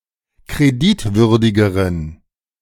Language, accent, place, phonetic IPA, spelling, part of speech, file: German, Germany, Berlin, [kʁeˈdɪtˌvʏʁdɪɡəʁən], kreditwürdigeren, adjective, De-kreditwürdigeren.ogg
- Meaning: inflection of kreditwürdig: 1. strong genitive masculine/neuter singular comparative degree 2. weak/mixed genitive/dative all-gender singular comparative degree